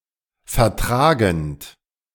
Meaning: present participle of vertragen
- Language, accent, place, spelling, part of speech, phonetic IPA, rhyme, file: German, Germany, Berlin, vertragend, verb, [fɛɐ̯ˈtʁaːɡn̩t], -aːɡn̩t, De-vertragend.ogg